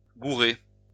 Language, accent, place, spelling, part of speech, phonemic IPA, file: French, France, Lyon, gourer, verb, /ɡu.ʁe/, LL-Q150 (fra)-gourer.wav
- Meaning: 1. to goof up, to mess up, to screw up 2. to doubt something, to be wary of something